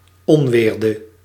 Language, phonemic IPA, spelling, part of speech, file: Dutch, /ˈɔnʋɪːrdə/, onweerde, verb, Nl-onweerde.ogg
- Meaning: inflection of onweren: 1. singular past indicative 2. singular past subjunctive